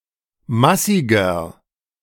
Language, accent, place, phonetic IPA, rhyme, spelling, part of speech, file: German, Germany, Berlin, [ˈmasɪɡɐ], -asɪɡɐ, massiger, adjective, De-massiger.ogg
- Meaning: inflection of massig: 1. strong/mixed nominative masculine singular 2. strong genitive/dative feminine singular 3. strong genitive plural